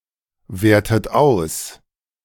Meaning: inflection of auswerten: 1. second-person plural present 2. second-person plural subjunctive I 3. third-person singular present 4. plural imperative
- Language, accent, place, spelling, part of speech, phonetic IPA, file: German, Germany, Berlin, wertet aus, verb, [ˌveːɐ̯tət ˈaʊ̯s], De-wertet aus.ogg